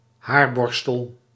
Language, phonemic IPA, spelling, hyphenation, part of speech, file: Dutch, /ˈɦaːrˌbɔr.stəl/, haarborstel, haar‧bor‧stel, noun, Nl-haarborstel.ogg
- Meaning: hairbrush